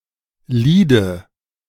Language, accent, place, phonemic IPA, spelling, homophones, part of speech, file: German, Germany, Berlin, /ˈliːdə/, Liede, Lide, noun, De-Liede.ogg
- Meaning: dative singular of Lied